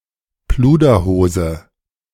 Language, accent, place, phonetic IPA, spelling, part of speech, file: German, Germany, Berlin, [ˈpluːdɐˌhoːzə], Pluderhose, noun, De-Pluderhose.ogg
- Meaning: plush trousers